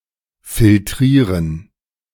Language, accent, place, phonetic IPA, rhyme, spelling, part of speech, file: German, Germany, Berlin, [fɪlˈtʁiːʁən], -iːʁən, filtrieren, verb, De-filtrieren.ogg
- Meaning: to filtrate